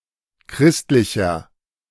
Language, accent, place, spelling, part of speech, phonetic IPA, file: German, Germany, Berlin, christlicher, adjective, [ˈkʁɪstlɪçɐ], De-christlicher.ogg
- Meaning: 1. comparative degree of christlich 2. inflection of christlich: strong/mixed nominative masculine singular 3. inflection of christlich: strong genitive/dative feminine singular